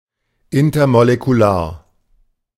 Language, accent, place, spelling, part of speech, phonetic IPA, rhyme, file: German, Germany, Berlin, intermolekular, adjective, [ˌɪntɐmolekuˈlaːɐ̯], -aːɐ̯, De-intermolekular.ogg
- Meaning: intermolecular